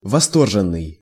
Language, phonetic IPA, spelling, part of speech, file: Russian, [vɐˈstorʐɨn(ː)ɨj], восторженный, adjective, Ru-восторженный.ogg
- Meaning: enthusiastic, ecstatic